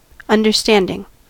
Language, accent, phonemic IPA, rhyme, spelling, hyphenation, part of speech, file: English, US, /ˌʌndɚˈstændɪŋ/, -ændɪŋ, understanding, un‧der‧stand‧ing, noun / adjective / verb, En-us-understanding.ogg
- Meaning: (noun) 1. The act of one that understands or comprehends; the mental process of discernment of meaning 2. Reason or intelligence; ability to grasp the full meaning of knowledge; ability to infer